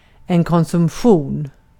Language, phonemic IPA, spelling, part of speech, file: Swedish, /kɔnsɵmˈɧuːn/, konsumtion, noun, Sv-konsumtion.ogg
- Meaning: consumption